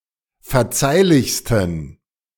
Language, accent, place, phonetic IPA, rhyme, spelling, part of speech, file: German, Germany, Berlin, [fɛɐ̯ˈt͡saɪ̯lɪçstn̩], -aɪ̯lɪçstn̩, verzeihlichsten, adjective, De-verzeihlichsten.ogg
- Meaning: 1. superlative degree of verzeihlich 2. inflection of verzeihlich: strong genitive masculine/neuter singular superlative degree